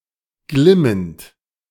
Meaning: present participle of glimmen
- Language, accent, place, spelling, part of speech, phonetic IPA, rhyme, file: German, Germany, Berlin, glimmend, verb, [ˈɡlɪmənt], -ɪmənt, De-glimmend.ogg